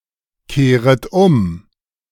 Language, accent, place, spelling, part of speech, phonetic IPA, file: German, Germany, Berlin, kehret um, verb, [ˌkeːʁət ˈʊm], De-kehret um.ogg
- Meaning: second-person plural subjunctive I of umkehren